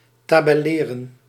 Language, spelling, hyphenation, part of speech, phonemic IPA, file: Dutch, tabelleren, ta‧bel‧le‧ren, verb, /ˌtaː.bɛˈleː.rə(n)/, Nl-tabelleren.ogg
- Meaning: to tabulate